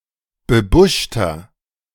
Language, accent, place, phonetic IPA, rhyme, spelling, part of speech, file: German, Germany, Berlin, [bəˈbʊʃtɐ], -ʊʃtɐ, bebuschter, adjective, De-bebuschter.ogg
- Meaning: inflection of bebuscht: 1. strong/mixed nominative masculine singular 2. strong genitive/dative feminine singular 3. strong genitive plural